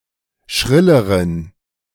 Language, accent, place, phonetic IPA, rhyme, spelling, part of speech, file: German, Germany, Berlin, [ˈʃʁɪləʁən], -ɪləʁən, schrilleren, adjective, De-schrilleren.ogg
- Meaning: inflection of schrill: 1. strong genitive masculine/neuter singular comparative degree 2. weak/mixed genitive/dative all-gender singular comparative degree